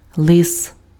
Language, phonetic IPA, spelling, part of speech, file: Ukrainian, [ɫɪs], лис, noun, Uk-лис.ogg
- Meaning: fox